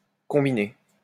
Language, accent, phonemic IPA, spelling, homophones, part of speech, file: French, France, /kɔ̃.bi.ne/, combiner, combinai / combiné / combinée / combinées / combinés / combinez, verb, LL-Q150 (fra)-combiner.wav
- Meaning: to combine (bring (two or more things or activities) together)